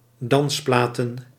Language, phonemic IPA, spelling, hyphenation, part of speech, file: Dutch, /ˈdɑnsplaːtə(n)/, dansplaten, dans‧pla‧ten, noun, Nl-dansplaten.ogg
- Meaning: plural of dansplaat